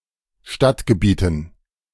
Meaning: dative plural of Stadtgebiet
- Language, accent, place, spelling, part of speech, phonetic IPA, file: German, Germany, Berlin, Stadtgebieten, noun, [ˈʃtatɡəˌbiːtn̩], De-Stadtgebieten.ogg